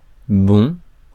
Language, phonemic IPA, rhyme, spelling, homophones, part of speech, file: French, /bɔ̃/, -ɔ̃, bond, bon / bons / bonds, noun, Fr-bond.ogg
- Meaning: 1. jump, bound, leap 2. bounce